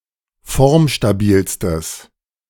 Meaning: strong/mixed nominative/accusative neuter singular superlative degree of formstabil
- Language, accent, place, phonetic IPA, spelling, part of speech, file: German, Germany, Berlin, [ˈfɔʁmʃtaˌbiːlstəs], formstabilstes, adjective, De-formstabilstes.ogg